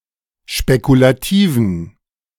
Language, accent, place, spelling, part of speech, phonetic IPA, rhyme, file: German, Germany, Berlin, spekulativen, adjective, [ʃpekulaˈtiːvn̩], -iːvn̩, De-spekulativen.ogg
- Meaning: inflection of spekulativ: 1. strong genitive masculine/neuter singular 2. weak/mixed genitive/dative all-gender singular 3. strong/weak/mixed accusative masculine singular 4. strong dative plural